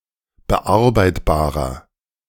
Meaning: inflection of bearbeitbar: 1. strong/mixed nominative masculine singular 2. strong genitive/dative feminine singular 3. strong genitive plural
- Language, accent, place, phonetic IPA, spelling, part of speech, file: German, Germany, Berlin, [bəˈʔaʁbaɪ̯tbaːʁɐ], bearbeitbarer, adjective, De-bearbeitbarer.ogg